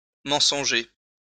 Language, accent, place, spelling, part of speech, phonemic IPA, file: French, France, Lyon, mensonger, adjective, /mɑ̃.sɔ̃.ʒe/, LL-Q150 (fra)-mensonger.wav
- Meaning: false, mendacious, deceitful, untruthful